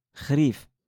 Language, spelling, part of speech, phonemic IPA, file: Moroccan Arabic, خريف, noun, /xriːf/, LL-Q56426 (ary)-خريف.wav
- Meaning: autumn, fall